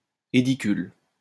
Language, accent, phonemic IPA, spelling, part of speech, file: French, France, /e.di.kyl/, édicule, noun, LL-Q150 (fra)-édicule.wav
- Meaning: 1. aedicula 2. building housing the entrance to a metro station